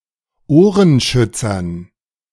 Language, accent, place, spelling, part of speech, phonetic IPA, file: German, Germany, Berlin, Ohrenschützern, noun, [ˈoːʁənˌʃʏt͡sɐn], De-Ohrenschützern.ogg
- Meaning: dative plural of Ohrenschützer